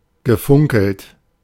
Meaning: past participle of funkeln
- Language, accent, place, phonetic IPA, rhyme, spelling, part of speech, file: German, Germany, Berlin, [ɡəˈfʊŋkl̩t], -ʊŋkl̩t, gefunkelt, verb, De-gefunkelt.ogg